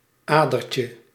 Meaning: diminutive of ader
- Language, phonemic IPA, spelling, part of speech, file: Dutch, /ˈadərcə/, adertje, noun, Nl-adertje.ogg